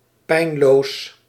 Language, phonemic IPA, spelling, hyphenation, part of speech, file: Dutch, /ˈpɛi̯n.loːs/, pijnloos, pijn‧loos, adjective, Nl-pijnloos.ogg
- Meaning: 1. painless, painfree 2. effortless, easy, comfortable